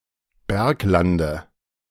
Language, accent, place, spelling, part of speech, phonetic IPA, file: German, Germany, Berlin, Berglande, noun, [ˈbɛʁkˌlandə], De-Berglande.ogg
- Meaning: dative singular of Bergland